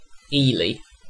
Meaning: 1. A cathedral city and civil parish (served by City of Ely Council) in East Cambridgeshire district, Cambridgeshire, England 2. A suburb and community in Cardiff, Wales (OS grid ref ST1376)
- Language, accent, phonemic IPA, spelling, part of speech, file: English, UK, /iːli/, Ely, proper noun, En-uk-Ely.ogg